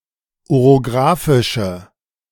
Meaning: inflection of orographisch: 1. strong/mixed nominative/accusative feminine singular 2. strong nominative/accusative plural 3. weak nominative all-gender singular
- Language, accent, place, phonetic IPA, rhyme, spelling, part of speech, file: German, Germany, Berlin, [oʁoˈɡʁaːfɪʃə], -aːfɪʃə, orographische, adjective, De-orographische.ogg